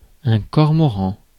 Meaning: cormorant (seabird)
- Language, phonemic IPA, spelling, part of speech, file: French, /kɔʁ.mɔ.ʁɑ̃/, cormoran, noun, Fr-cormoran.ogg